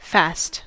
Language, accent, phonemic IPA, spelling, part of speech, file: English, US, /fæst/, fast, adjective / noun / interjection / adverb / verb, En-us-fast.ogg
- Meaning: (adjective) 1. Firmly or securely fixed in place; stable 2. Firm against attack; fortified by nature or art; impregnable; strong